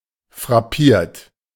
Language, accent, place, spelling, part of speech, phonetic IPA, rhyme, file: German, Germany, Berlin, frappiert, verb, [fʁaˈpiːɐ̯t], -iːɐ̯t, De-frappiert.ogg
- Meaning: 1. past participle of frappieren 2. inflection of frappieren: third-person singular present 3. inflection of frappieren: second-person plural present 4. inflection of frappieren: plural imperative